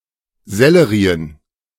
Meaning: plural of Sellerie
- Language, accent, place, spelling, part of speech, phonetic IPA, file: German, Germany, Berlin, Sellerien, noun, [ˈzɛləʁiːən], De-Sellerien.ogg